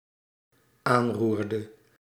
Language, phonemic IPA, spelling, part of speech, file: Dutch, /ˈanrurdə/, aanroerde, verb, Nl-aanroerde.ogg
- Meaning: inflection of aanroeren: 1. singular dependent-clause past indicative 2. singular dependent-clause past subjunctive